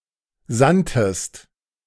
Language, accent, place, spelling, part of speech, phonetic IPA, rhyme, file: German, Germany, Berlin, sandtest, verb, [ˈzantəst], -antəst, De-sandtest.ogg
- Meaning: inflection of senden: 1. second-person singular preterite 2. second-person singular subjunctive II